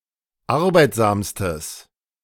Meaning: strong/mixed nominative/accusative neuter singular superlative degree of arbeitsam
- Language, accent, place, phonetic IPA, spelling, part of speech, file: German, Germany, Berlin, [ˈaʁbaɪ̯tzaːmstəs], arbeitsamstes, adjective, De-arbeitsamstes.ogg